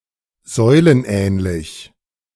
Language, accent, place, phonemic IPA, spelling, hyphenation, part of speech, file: German, Germany, Berlin, /ˈzɔʏ̯lənˌ.ɛːnlɪç/, säulenähnlich, säu‧len‧ähn‧lich, adjective, De-säulenähnlich.ogg
- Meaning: pillar-like